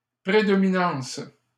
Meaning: predominance
- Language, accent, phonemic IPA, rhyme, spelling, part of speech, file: French, Canada, /pʁe.dɔ.mi.nɑ̃s/, -ɑ̃s, prédominance, noun, LL-Q150 (fra)-prédominance.wav